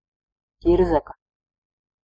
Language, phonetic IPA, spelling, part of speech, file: Latvian, [ˈcīɾzaka], ķirzaka, noun, Lv-ķirzaka.ogg
- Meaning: lizard (any reptile of the order Squamata)